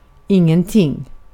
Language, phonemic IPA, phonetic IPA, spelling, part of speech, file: Swedish, /ˈɪŋɛnˌtɪŋ/, [ˈɪŋːɛnˌtʰɪ̂ŋː], ingenting, pronoun, Sv-ingenting.ogg
- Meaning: nothing